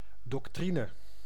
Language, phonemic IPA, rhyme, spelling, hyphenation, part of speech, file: Dutch, /ˌdɔkˈtri.nə/, -inə, doctrine, doc‧tri‧ne, noun, Nl-doctrine.ogg
- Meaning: doctrine